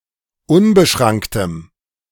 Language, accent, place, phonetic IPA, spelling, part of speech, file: German, Germany, Berlin, [ˈʊnbəˌʃʁaŋktəm], unbeschranktem, adjective, De-unbeschranktem.ogg
- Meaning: strong dative masculine/neuter singular of unbeschrankt